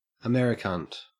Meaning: An American, particularly one that is perceived as annoying
- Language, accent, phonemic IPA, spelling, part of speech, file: English, Australia, /əˈmɛɹ.ɪˌkʌnt/, Americunt, noun, En-au-Americunt.ogg